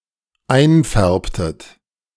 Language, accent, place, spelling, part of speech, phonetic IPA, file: German, Germany, Berlin, einfärbtet, verb, [ˈaɪ̯nˌfɛʁptət], De-einfärbtet.ogg
- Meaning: inflection of einfärben: 1. second-person plural dependent preterite 2. second-person plural dependent subjunctive II